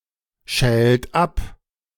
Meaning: inflection of abschälen: 1. second-person plural present 2. third-person singular present 3. plural imperative
- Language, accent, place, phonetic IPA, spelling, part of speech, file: German, Germany, Berlin, [ˌʃɛːlt ˈap], schält ab, verb, De-schält ab.ogg